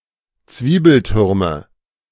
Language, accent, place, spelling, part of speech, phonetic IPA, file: German, Germany, Berlin, Zwiebeltürme, noun, [ˈt͡sviːbəlˌtʏʁmə], De-Zwiebeltürme.ogg
- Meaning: nominative/accusative/genitive plural of Zwiebelturm